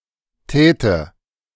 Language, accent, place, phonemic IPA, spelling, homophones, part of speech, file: German, Germany, Berlin, /ˈtɛːtə/, täte, Tete, verb, De-täte.ogg
- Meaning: first/third-person singular subjunctive II of tun